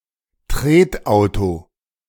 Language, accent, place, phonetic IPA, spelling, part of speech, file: German, Germany, Berlin, [ˈtʁeːtˌʔaʊ̯to], Tretauto, noun, De-Tretauto.ogg
- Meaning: pedal car